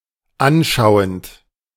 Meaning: present participle of anschauen
- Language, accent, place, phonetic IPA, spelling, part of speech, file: German, Germany, Berlin, [ˈanˌʃaʊ̯ənt], anschauend, verb, De-anschauend.ogg